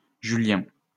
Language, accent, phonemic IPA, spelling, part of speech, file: French, France, /ʒy.ljɛ̃/, julien, adjective, LL-Q150 (fra)-julien.wav
- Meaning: Julian